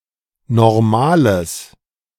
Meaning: strong/mixed nominative/accusative neuter singular of normal
- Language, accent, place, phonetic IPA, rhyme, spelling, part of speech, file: German, Germany, Berlin, [nɔʁˈmaːləs], -aːləs, normales, adjective, De-normales.ogg